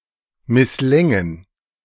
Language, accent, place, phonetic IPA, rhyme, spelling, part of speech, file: German, Germany, Berlin, [mɪsˈlɛŋən], -ɛŋən, misslängen, verb, De-misslängen.ogg
- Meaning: first-person plural subjunctive II of misslingen